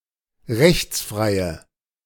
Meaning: inflection of rechtsfrei: 1. strong/mixed nominative/accusative feminine singular 2. strong nominative/accusative plural 3. weak nominative all-gender singular
- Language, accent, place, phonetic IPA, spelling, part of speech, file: German, Germany, Berlin, [ˈʁɛçt͡sˌfʁaɪ̯ə], rechtsfreie, adjective, De-rechtsfreie.ogg